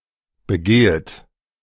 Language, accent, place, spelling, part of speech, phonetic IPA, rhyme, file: German, Germany, Berlin, begehet, verb, [bəˈɡeːət], -eːət, De-begehet.ogg
- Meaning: second-person plural subjunctive I of begehen